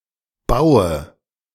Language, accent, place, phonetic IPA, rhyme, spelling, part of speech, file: German, Germany, Berlin, [ˈbaʊ̯ə], -aʊ̯ə, baue, verb, De-baue.ogg
- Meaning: inflection of bauen: 1. first-person singular present 2. singular imperative 3. first/third-person singular subjunctive I